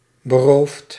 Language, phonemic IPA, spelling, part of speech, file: Dutch, /bəˈroft/, beroofd, verb, Nl-beroofd.ogg
- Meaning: past participle of beroven